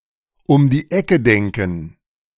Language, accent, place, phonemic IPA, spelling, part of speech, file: German, Germany, Berlin, /ʊm diː ˈɛkə ˈdɛŋkŋ̩/, um die Ecke denken, verb, De-um die Ecke denken.ogg
- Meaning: to think outside the box, to think laterally